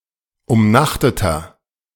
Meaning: inflection of umnachtet: 1. strong/mixed nominative masculine singular 2. strong genitive/dative feminine singular 3. strong genitive plural
- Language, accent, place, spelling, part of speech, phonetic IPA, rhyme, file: German, Germany, Berlin, umnachteter, adjective, [ʊmˈnaxtətɐ], -axtətɐ, De-umnachteter.ogg